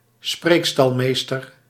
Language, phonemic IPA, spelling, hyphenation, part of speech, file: Dutch, /ˈspreːk.stɑl.meːstər/, spreekstalmeester, spreek‧stal‧mees‧ter, noun, Nl-spreekstalmeester.ogg
- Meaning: ringmaster of a circus